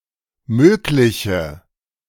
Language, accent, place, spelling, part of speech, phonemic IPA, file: German, Germany, Berlin, mögliche, adjective, /ˈmøːklɪçə/, De-mögliche.ogg
- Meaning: inflection of möglich: 1. strong/mixed nominative/accusative feminine singular 2. strong nominative/accusative plural 3. weak nominative all-gender singular 4. weak accusative feminine/neuter singular